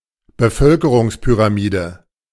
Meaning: population pyramid, age-gender-pyramid
- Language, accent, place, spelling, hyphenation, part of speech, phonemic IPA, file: German, Germany, Berlin, Bevölkerungspyramide, Be‧völ‧ke‧rungs‧py‧ra‧mi‧de, noun, /bəˈfœlkəʁʊŋspyʁaˌmiːdə/, De-Bevölkerungspyramide.ogg